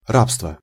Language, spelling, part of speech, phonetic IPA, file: Russian, рабство, noun, [ˈrapstvə], Ru-рабство.ogg
- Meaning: slavery, thralldom